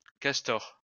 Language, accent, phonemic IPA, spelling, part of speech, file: French, France, /kas.tɔʁ/, Castor, proper noun, LL-Q150 (fra)-Castor.wav
- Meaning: 1. Castor 2. Dane-zaa or Beaver indigenous people